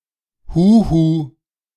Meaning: 1. hey (calling out to someone to catch their attention, often across a distance) 2. hello, hi (as a greeting)
- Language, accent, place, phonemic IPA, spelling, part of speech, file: German, Germany, Berlin, /ˈhuːhuː/, huhu, interjection, De-huhu.ogg